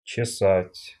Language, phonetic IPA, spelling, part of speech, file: Russian, [t͡ɕɪˈsatʲ], чесать, verb, Ru-чесать.ogg
- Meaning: 1. to comb 2. to card, to comb 3. to scratch (in order to remove itching)